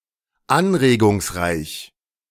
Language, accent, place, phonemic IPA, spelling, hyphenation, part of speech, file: German, Germany, Berlin, /ˈanʁeːɡʊŋsˌʁaɪ̯ç/, anregungsreich, an‧re‧gungs‧reich, adjective, De-anregungsreich.ogg
- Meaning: stimulating